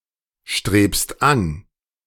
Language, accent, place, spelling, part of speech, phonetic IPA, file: German, Germany, Berlin, strebst an, verb, [ˌʃtʁeːpst ˈan], De-strebst an.ogg
- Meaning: second-person singular present of anstreben